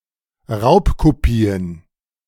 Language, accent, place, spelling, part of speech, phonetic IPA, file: German, Germany, Berlin, Raubkopien, noun, [ˈʁaʊ̯pkoˌpiːən], De-Raubkopien.ogg
- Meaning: plural of Raubkopie